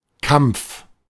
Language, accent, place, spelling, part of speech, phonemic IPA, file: German, Germany, Berlin, Kampf, noun, /kam(p)f/, De-Kampf.ogg
- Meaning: struggle, battle, campaign, fight